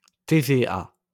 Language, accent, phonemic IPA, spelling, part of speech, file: French, France, /te.ve.a/, TVA, noun, LL-Q150 (fra)-TVA.wav
- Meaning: 1. initialism of taxe sur la valeur ajoutée: VAT (value-added tax) 2. initialism of Téléviseurs / Télédiffuseurs associés (“Associated Telecasters”)